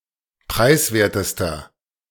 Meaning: inflection of preiswert: 1. strong/mixed nominative masculine singular superlative degree 2. strong genitive/dative feminine singular superlative degree 3. strong genitive plural superlative degree
- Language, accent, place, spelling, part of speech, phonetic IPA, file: German, Germany, Berlin, preiswertester, adjective, [ˈpʁaɪ̯sˌveːɐ̯təstɐ], De-preiswertester.ogg